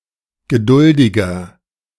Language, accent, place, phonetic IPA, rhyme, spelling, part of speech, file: German, Germany, Berlin, [ɡəˈdʊldɪɡɐ], -ʊldɪɡɐ, geduldiger, adjective, De-geduldiger.ogg
- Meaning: 1. comparative degree of geduldig 2. inflection of geduldig: strong/mixed nominative masculine singular 3. inflection of geduldig: strong genitive/dative feminine singular